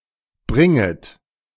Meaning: second-person plural subjunctive I of bringen
- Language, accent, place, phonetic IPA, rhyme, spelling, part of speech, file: German, Germany, Berlin, [ˈbʁɪŋət], -ɪŋət, bringet, verb, De-bringet.ogg